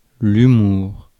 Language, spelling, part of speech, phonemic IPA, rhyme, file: French, humour, noun, /y.muʁ/, -uʁ, Fr-humour.ogg
- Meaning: humor; comic effect in a communication or performance